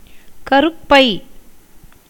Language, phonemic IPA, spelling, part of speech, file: Tamil, /kɐɾʊpːɐɪ̯/, கருப்பை, noun, Ta-கருப்பை.ogg
- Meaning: uterus, womb